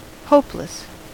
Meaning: 1. Without hope; despairing; not expecting anything positive 2. Giving no ground of hope; promising nothing desirable; desperate 3. Without talent, not skilled 4. Of an adverse condition, incurable
- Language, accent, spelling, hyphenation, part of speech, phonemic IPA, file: English, US, hopeless, hope‧less, adjective, /ˈhoʊplɪs/, En-us-hopeless.ogg